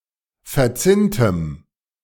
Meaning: strong dative masculine/neuter singular of verzinnt
- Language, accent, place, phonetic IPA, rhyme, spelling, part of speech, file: German, Germany, Berlin, [fɛɐ̯ˈt͡sɪntəm], -ɪntəm, verzinntem, adjective, De-verzinntem.ogg